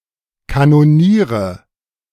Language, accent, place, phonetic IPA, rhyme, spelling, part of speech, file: German, Germany, Berlin, [kanoˈniːʁə], -iːʁə, Kanoniere, noun, De-Kanoniere.ogg
- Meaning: nominative/accusative/genitive plural of Kanonier